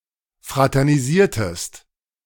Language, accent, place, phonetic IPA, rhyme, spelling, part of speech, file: German, Germany, Berlin, [ˌfʁatɛʁniˈziːɐ̯təst], -iːɐ̯təst, fraternisiertest, verb, De-fraternisiertest.ogg
- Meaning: inflection of fraternisieren: 1. second-person singular preterite 2. second-person singular subjunctive II